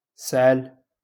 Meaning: to cough
- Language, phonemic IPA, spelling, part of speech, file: Moroccan Arabic, /sʕal/, سعل, verb, LL-Q56426 (ary)-سعل.wav